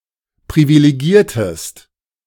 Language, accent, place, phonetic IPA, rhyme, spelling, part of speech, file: German, Germany, Berlin, [pʁivileˈɡiːɐ̯təst], -iːɐ̯təst, privilegiertest, verb, De-privilegiertest.ogg
- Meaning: inflection of privilegieren: 1. second-person singular preterite 2. second-person singular subjunctive II